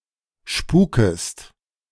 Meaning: second-person singular subjunctive I of spuken
- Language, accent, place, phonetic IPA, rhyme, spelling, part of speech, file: German, Germany, Berlin, [ˈʃpuːkəst], -uːkəst, spukest, verb, De-spukest.ogg